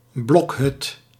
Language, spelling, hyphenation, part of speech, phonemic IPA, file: Dutch, blokhut, blok‧hut, noun, /ˈblɔk.ɦʏt/, Nl-blokhut.ogg
- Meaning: log cabin